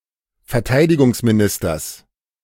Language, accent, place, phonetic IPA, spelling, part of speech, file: German, Germany, Berlin, [fɛɐ̯ˈtaɪ̯dɪɡʊŋsmiˌnɪstɐs], Verteidigungsministers, noun, De-Verteidigungsministers.ogg
- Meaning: genitive singular of Verteidigungsminister